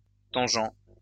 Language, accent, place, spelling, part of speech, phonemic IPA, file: French, France, Lyon, tangent, adjective, /tɑ̃.ʒɑ̃/, LL-Q150 (fra)-tangent.wav
- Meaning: 1. tangential 2. borderline